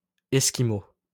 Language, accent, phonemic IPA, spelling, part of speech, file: French, France, /ɛs.ki.mo/, Esquimau, noun, LL-Q150 (fra)-Esquimau.wav
- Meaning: Eskimo (person)